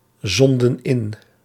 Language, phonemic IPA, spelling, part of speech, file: Dutch, /ˈzɔndə(n) ˈɪn/, zonden in, verb, Nl-zonden in.ogg
- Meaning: inflection of inzenden: 1. plural past indicative 2. plural past subjunctive